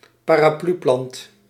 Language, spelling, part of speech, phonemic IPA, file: Dutch, parapluplant, noun, /paːraːˈplyplɑnt/, Nl-parapluplant.ogg
- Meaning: umbrella papyrus, umbrella sedge, umbrella palm (Cyperus alternifolius)